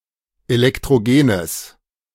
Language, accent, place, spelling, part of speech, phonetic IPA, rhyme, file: German, Germany, Berlin, elektrogenes, adjective, [elɛktʁoˈɡeːnəs], -eːnəs, De-elektrogenes.ogg
- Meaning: strong/mixed nominative/accusative neuter singular of elektrogen